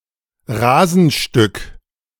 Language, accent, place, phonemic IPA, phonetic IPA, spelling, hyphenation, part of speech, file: German, Germany, Berlin, /ˈraːzənˌʃtʏk/, [ˈraːzn̩ʃtʏk], Rasenstück, Ra‧sen‧stück, noun, De-Rasenstück.ogg
- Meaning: piece of turf